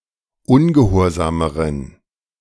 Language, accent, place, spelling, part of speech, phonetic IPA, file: German, Germany, Berlin, ungehorsameren, adjective, [ˈʊnɡəˌhoːɐ̯zaːməʁən], De-ungehorsameren.ogg
- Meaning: inflection of ungehorsam: 1. strong genitive masculine/neuter singular comparative degree 2. weak/mixed genitive/dative all-gender singular comparative degree